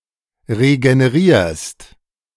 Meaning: second-person singular present of regenerieren
- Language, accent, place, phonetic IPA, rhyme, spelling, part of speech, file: German, Germany, Berlin, [ʁeɡəneˈʁiːɐ̯st], -iːɐ̯st, regenerierst, verb, De-regenerierst.ogg